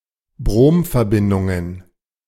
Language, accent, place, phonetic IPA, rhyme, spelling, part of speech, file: German, Germany, Berlin, [ˈbʁoːmfɛɐ̯ˌbɪndʊŋən], -oːmfɛɐ̯bɪndʊŋən, Bromverbindungen, noun, De-Bromverbindungen.ogg
- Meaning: plural of Bromverbindung